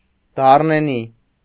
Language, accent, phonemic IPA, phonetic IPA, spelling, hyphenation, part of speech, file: Armenian, Eastern Armenian, /dɑrneˈni/, [dɑrnení], դառնենի, դառ‧նե‧նի, adjective, Hy-դառնենի.ogg
- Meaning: whose fruits are bitter